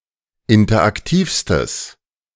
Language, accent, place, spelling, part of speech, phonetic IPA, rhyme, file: German, Germany, Berlin, interaktivstes, adjective, [ˌɪntɐʔakˈtiːfstəs], -iːfstəs, De-interaktivstes.ogg
- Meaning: strong/mixed nominative/accusative neuter singular superlative degree of interaktiv